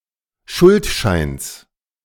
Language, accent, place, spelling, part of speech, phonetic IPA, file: German, Germany, Berlin, Schuldscheins, noun, [ˈʃʊltˌʃaɪ̯ns], De-Schuldscheins.ogg
- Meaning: genitive singular of Schuldschein